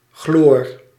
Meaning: inflection of gloren: 1. first-person singular present indicative 2. second-person singular present indicative 3. imperative
- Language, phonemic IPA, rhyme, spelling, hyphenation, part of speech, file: Dutch, /ɣloːr/, -oːr, gloor, gloor, verb, Nl-gloor.ogg